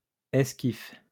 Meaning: skiff (any of various types of boats small enough for sailing or rowing by one person)
- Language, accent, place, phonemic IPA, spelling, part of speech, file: French, France, Lyon, /ɛs.kif/, esquif, noun, LL-Q150 (fra)-esquif.wav